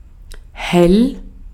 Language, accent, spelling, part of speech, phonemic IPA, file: German, Austria, hell, adjective, /hɛl/, De-at-hell.ogg
- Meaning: 1. clear, bright, light 2. quick, clever 3. great